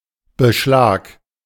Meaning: singular imperative of beschlagen
- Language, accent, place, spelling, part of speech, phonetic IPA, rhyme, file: German, Germany, Berlin, beschlag, verb, [bəˈʃlaːk], -aːk, De-beschlag.ogg